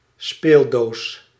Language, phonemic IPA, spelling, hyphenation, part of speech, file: Dutch, /ˈspeːl.doːs/, speeldoos, speel‧doos, noun, Nl-speeldoos.ogg
- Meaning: musical box